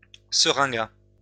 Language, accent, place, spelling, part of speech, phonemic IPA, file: French, France, Lyon, seringa, noun, /sə.ʁɛ̃.ɡa/, LL-Q150 (fra)-seringa.wav
- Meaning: 1. sweet mock orange (Philadelphus coronarius) 2. hence any of several flowering plants of the genus Philadelphus 3. any of several flowering plants of the genus Syringa such as the lilacs